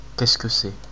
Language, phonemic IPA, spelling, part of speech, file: French, /k‿ɛs kə s‿ɛ/, qu'est-ce que c'est, phrase, Fr-fr-questcequecest.ogg
- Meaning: 1. what is that? what is this? what is it? what does that mean? 2. how do you say? what is the word?